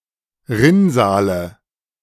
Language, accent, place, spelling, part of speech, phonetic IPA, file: German, Germany, Berlin, Rinnsale, noun, [ˈʁɪnˌzaːlə], De-Rinnsale.ogg
- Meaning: nominative/accusative/genitive plural of Rinnsal